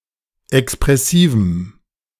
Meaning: strong dative masculine/neuter singular of expressiv
- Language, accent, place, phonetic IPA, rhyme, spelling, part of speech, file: German, Germany, Berlin, [ɛkspʁɛˈsiːvm̩], -iːvm̩, expressivem, adjective, De-expressivem.ogg